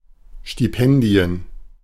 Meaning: plural of Stipendium
- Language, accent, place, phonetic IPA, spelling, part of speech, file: German, Germany, Berlin, [ˌʃtiˈpɛndi̯ən], Stipendien, noun, De-Stipendien.ogg